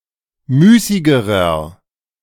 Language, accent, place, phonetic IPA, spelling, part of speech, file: German, Germany, Berlin, [ˈmyːsɪɡəʁɐ], müßigerer, adjective, De-müßigerer.ogg
- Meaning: inflection of müßig: 1. strong/mixed nominative masculine singular comparative degree 2. strong genitive/dative feminine singular comparative degree 3. strong genitive plural comparative degree